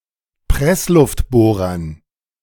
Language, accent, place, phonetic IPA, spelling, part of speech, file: German, Germany, Berlin, [ˈpʁɛslʊftˌboːʁɐn], Pressluftbohrern, noun, De-Pressluftbohrern.ogg
- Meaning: dative plural of Pressluftbohrer